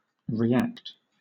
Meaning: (verb) 1. To act in response 2. To act or perform a second time; to do over again; to reenact 3. To return an impulse or impression; to resist the action of another body by an opposite force
- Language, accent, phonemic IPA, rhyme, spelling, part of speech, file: English, Southern England, /ɹiːˈækt/, -ækt, react, verb / noun, LL-Q1860 (eng)-react.wav